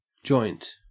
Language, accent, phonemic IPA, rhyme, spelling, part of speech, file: English, Australia, /d͡ʒɔɪnt/, -ɔɪnt, joint, adjective / noun / verb, En-au-joint.ogg
- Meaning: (adjective) 1. United, combined 2. Done by two or more people or organisations working together; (noun) The point where two components of a structure join, but are still able to rotate